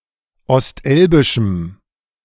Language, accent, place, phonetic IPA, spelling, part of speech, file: German, Germany, Berlin, [ɔstˈʔɛlbɪʃm̩], ostelbischem, adjective, De-ostelbischem.ogg
- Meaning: strong dative masculine/neuter singular of ostelbisch